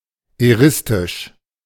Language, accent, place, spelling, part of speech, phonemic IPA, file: German, Germany, Berlin, eristisch, adjective, /eˈʁɪstɪʃ/, De-eristisch.ogg
- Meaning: eristic